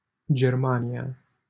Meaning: Germany (a country in Central Europe)
- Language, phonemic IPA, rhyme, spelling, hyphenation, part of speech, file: Romanian, /d͡ʒerˈma.ni.a/, -ania, Germania, Ger‧ma‧ni‧a, proper noun, LL-Q7913 (ron)-Germania.wav